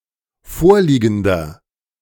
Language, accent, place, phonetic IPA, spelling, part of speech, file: German, Germany, Berlin, [ˈfoːɐ̯ˌliːɡn̩dɐ], vorliegender, adjective, De-vorliegender.ogg
- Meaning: inflection of vorliegend: 1. strong/mixed nominative masculine singular 2. strong genitive/dative feminine singular 3. strong genitive plural